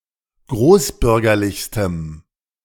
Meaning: strong dative masculine/neuter singular superlative degree of großbürgerlich
- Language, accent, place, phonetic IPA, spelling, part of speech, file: German, Germany, Berlin, [ˈɡʁoːsˌbʏʁɡɐlɪçstəm], großbürgerlichstem, adjective, De-großbürgerlichstem.ogg